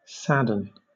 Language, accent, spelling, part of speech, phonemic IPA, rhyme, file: English, Southern England, sadden, verb, /ˈsædən/, -ædən, LL-Q1860 (eng)-sadden.wav
- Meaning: 1. To make sad or unhappy 2. To become sad or unhappy 3. To darken a color during dyeing 4. To render heavy, hard, or cohesive; to compress or thicken